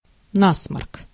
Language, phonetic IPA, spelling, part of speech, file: Russian, [ˈnasmərk], насморк, noun, Ru-насморк.ogg
- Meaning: 1. runny nose, rhinorrhea 2. common cold